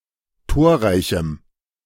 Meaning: strong dative masculine/neuter singular of torreich
- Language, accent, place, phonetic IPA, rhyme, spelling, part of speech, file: German, Germany, Berlin, [ˈtoːɐ̯ˌʁaɪ̯çm̩], -oːɐ̯ʁaɪ̯çm̩, torreichem, adjective, De-torreichem.ogg